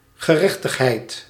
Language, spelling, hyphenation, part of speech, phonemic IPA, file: Dutch, gerechtigheid, ge‧rech‧tig‧heid, noun, /ɣəˈrɛx.təx.ɦɛi̯t/, Nl-gerechtigheid.ogg
- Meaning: justice, righteousness